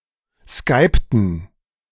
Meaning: inflection of skypen: 1. first/third-person plural preterite 2. first/third-person plural subjunctive II
- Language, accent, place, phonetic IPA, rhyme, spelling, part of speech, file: German, Germany, Berlin, [ˈskaɪ̯ptn̩], -aɪ̯ptn̩, skypten, verb, De-skypten.ogg